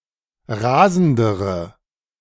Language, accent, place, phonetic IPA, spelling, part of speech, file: German, Germany, Berlin, [ˈʁaːzn̩dəʁə], rasendere, adjective, De-rasendere.ogg
- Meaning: inflection of rasend: 1. strong/mixed nominative/accusative feminine singular comparative degree 2. strong nominative/accusative plural comparative degree